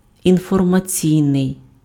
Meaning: information (attributive), informational
- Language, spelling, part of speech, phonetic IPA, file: Ukrainian, інформаційний, adjective, [infɔrmɐˈt͡sʲii̯nei̯], Uk-інформаційний.ogg